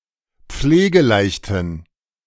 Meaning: inflection of pflegeleicht: 1. strong genitive masculine/neuter singular 2. weak/mixed genitive/dative all-gender singular 3. strong/weak/mixed accusative masculine singular 4. strong dative plural
- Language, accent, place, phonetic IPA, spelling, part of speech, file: German, Germany, Berlin, [ˈp͡fleːɡəˌlaɪ̯çtn̩], pflegeleichten, adjective, De-pflegeleichten.ogg